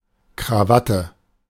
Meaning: necktie
- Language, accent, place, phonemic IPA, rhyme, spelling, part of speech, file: German, Germany, Berlin, /kʁaˈvatə/, -atə, Krawatte, noun, De-Krawatte.ogg